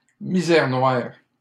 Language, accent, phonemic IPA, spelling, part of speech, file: French, Canada, /mi.zɛʁ nwaʁ/, misère noire, noun, LL-Q150 (fra)-misère noire.wav
- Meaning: utter destitution, abject poverty, dire poverty, grinding poverty, squalor